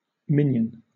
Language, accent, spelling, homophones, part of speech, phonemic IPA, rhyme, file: English, Southern England, minyan, minion, noun, /ˈmɪn.jən/, -ɪnjən, LL-Q1860 (eng)-minyan.wav
- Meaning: 1. The minimum number of ten (male) adult Jews required for a communal religious service 2. A Jewish prayer service